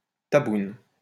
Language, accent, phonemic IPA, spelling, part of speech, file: French, France, /ta.bun/, taboune, noun, LL-Q150 (fra)-taboune.wav
- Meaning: vagina